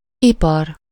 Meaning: industry
- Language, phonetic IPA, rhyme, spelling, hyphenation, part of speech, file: Hungarian, [ˈipɒr], -ɒr, ipar, ipar, noun, Hu-ipar.ogg